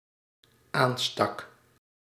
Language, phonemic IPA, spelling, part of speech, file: Dutch, /ˈanstɑk/, aanstak, verb, Nl-aanstak.ogg
- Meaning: singular dependent-clause past indicative of aansteken